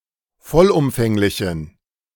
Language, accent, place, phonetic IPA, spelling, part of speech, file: German, Germany, Berlin, [ˈfɔlʔʊmfɛŋlɪçn̩], vollumfänglichen, adjective, De-vollumfänglichen.ogg
- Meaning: inflection of vollumfänglich: 1. strong genitive masculine/neuter singular 2. weak/mixed genitive/dative all-gender singular 3. strong/weak/mixed accusative masculine singular 4. strong dative plural